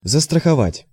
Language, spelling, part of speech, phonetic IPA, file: Russian, застраховать, verb, [zəstrəxɐˈvatʲ], Ru-застраховать.ogg
- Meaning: 1. to insure (to provide for compensation if some risk occurs) 2. to guard against 3. to stand by (in sports)